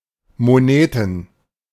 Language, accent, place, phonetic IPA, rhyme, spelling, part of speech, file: German, Germany, Berlin, [moˈneːtn̩], -eːtn̩, Moneten, noun, De-Moneten.ogg
- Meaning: money